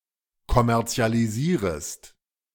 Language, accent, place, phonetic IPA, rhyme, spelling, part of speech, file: German, Germany, Berlin, [kɔmɛʁt͡si̯aliˈziːʁəst], -iːʁəst, kommerzialisierest, verb, De-kommerzialisierest.ogg
- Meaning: second-person singular subjunctive I of kommerzialisieren